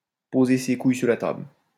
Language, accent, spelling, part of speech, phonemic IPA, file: French, France, poser ses couilles sur la table, verb, /po.ze se kuj syʁ la tabl/, LL-Q150 (fra)-poser ses couilles sur la table.wav
- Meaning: to show that one's got balls, to assert oneself